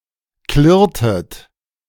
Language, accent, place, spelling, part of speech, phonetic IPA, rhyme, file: German, Germany, Berlin, klirrtet, verb, [ˈklɪʁtət], -ɪʁtət, De-klirrtet.ogg
- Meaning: inflection of klirren: 1. second-person plural preterite 2. second-person plural subjunctive II